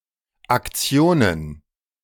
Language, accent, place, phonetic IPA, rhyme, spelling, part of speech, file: German, Germany, Berlin, [akˈt͡si̯oːnən], -oːnən, Aktionen, noun, De-Aktionen.ogg
- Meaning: plural of Aktion